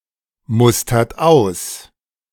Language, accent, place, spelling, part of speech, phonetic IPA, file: German, Germany, Berlin, mustert aus, verb, [ˌmʊstɐt ˈaʊ̯s], De-mustert aus.ogg
- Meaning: inflection of ausmustern: 1. third-person singular present 2. second-person plural present 3. plural imperative